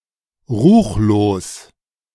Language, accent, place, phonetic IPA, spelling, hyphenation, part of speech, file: German, Germany, Berlin, [ʁuːxloːs], ruchlos, ruch‧los, adjective, De-ruchlos.ogg
- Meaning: heinous, nefarious, profane, unholy, blasphemous, infamous, wicked, abominable